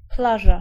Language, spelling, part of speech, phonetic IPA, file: Polish, plaża, noun, [ˈplaʒa], Pl-plaża.ogg